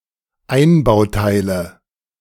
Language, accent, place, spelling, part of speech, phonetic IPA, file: German, Germany, Berlin, Einbauteile, noun, [ˈaɪ̯nbaʊ̯ˌtaɪ̯lə], De-Einbauteile.ogg
- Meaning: nominative/accusative/genitive plural of Einbauteil